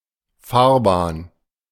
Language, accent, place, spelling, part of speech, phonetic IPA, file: German, Germany, Berlin, Fahrbahn, noun, [ˈfaːɐ̯ˌbaːn], De-Fahrbahn.ogg
- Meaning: 1. lane (of traffic in a road) 2. roadway, carriageway 3. runway